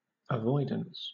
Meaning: 1. The act of avoiding or shunning; keeping clear of 2. The act of annulling; annulment
- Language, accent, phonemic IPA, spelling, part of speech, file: English, Southern England, /əˈvɔɪdəns/, avoidance, noun, LL-Q1860 (eng)-avoidance.wav